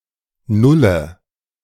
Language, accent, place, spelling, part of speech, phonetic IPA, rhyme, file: German, Germany, Berlin, nulle, verb, [ˈnʊlə], -ʊlə, De-nulle.ogg
- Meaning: inflection of null: 1. strong/mixed nominative/accusative feminine singular 2. strong nominative/accusative plural 3. weak nominative all-gender singular 4. weak accusative feminine/neuter singular